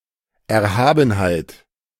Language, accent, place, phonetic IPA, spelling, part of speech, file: German, Germany, Berlin, [ɛɐ̯ˈhaːbn̩haɪ̯t], Erhabenheit, noun, De-Erhabenheit.ogg
- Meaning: 1. sublimity 2. loftiness